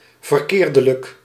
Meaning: wrongly, erroneously
- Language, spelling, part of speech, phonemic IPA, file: Dutch, verkeerdelijk, adverb, /vərˈkerdələk/, Nl-verkeerdelijk.ogg